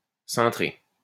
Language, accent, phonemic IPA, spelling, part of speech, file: French, France, /sɛ̃.tʁe/, cintré, verb / adjective, LL-Q150 (fra)-cintré.wav
- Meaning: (verb) past participle of cintrer; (adjective) 1. curved 2. fitted (clothes) 3. crazy, nuts